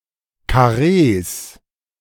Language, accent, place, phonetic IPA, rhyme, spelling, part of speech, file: German, Germany, Berlin, [kaˈʁeːs], -eːs, Karrees, noun, De-Karrees.ogg
- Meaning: plural of Karree